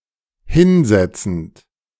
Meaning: present participle of hinsetzen
- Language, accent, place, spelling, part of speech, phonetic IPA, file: German, Germany, Berlin, hinsetzend, verb, [ˈhɪnˌzɛt͡sn̩t], De-hinsetzend.ogg